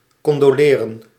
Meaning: to condole, offer one's condolences
- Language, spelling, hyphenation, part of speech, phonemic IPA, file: Dutch, condoleren, con‧do‧le‧ren, verb, /kɔndoːˈleːrə(n)/, Nl-condoleren.ogg